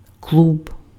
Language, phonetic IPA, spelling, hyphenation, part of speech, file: Ukrainian, [kɫub], клуб, клуб, noun, Uk-клуб.ogg
- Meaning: 1. club (association of members) 2. nightclub, night club